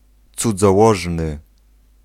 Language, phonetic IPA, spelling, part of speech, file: Polish, [ˌt͡sud͡zɔˈwɔʒnɨ], cudzołożny, adjective, Pl-cudzołożny.ogg